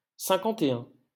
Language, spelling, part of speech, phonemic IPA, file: French, cinquante-et-un, numeral, /sɛ̃.kɑ̃.te.œ̃/, LL-Q150 (fra)-cinquante-et-un.wav
- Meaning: post-1990 spelling of cinquante et un